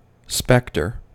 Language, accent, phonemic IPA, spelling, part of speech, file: English, US, /ˈspɛktɚ/, specter, noun, En-us-specter.ogg
- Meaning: 1. A ghostly apparition, a phantom 2. A threatening mental image; an unpleasant prospect 3. Any of certain species of dragonfly of the genus Boyeria, family Aeshnidae